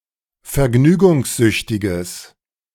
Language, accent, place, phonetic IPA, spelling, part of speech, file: German, Germany, Berlin, [fɛɐ̯ˈɡnyːɡʊŋsˌzʏçtɪɡəs], vergnügungssüchtiges, adjective, De-vergnügungssüchtiges.ogg
- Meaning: strong/mixed nominative/accusative neuter singular of vergnügungssüchtig